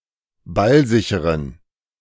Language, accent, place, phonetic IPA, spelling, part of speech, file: German, Germany, Berlin, [ˈbalˌzɪçəʁən], ballsicheren, adjective, De-ballsicheren.ogg
- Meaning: inflection of ballsicher: 1. strong genitive masculine/neuter singular 2. weak/mixed genitive/dative all-gender singular 3. strong/weak/mixed accusative masculine singular 4. strong dative plural